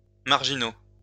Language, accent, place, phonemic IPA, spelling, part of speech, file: French, France, Lyon, /maʁ.ʒi.no/, marginaux, adjective / noun, LL-Q150 (fra)-marginaux.wav
- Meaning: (adjective) masculine plural of marginal; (noun) plural of marginal